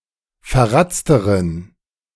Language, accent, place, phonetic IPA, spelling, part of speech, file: German, Germany, Berlin, [fɛɐ̯ˈʁat͡stəʁən], verratzteren, adjective, De-verratzteren.ogg
- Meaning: inflection of verratzt: 1. strong genitive masculine/neuter singular comparative degree 2. weak/mixed genitive/dative all-gender singular comparative degree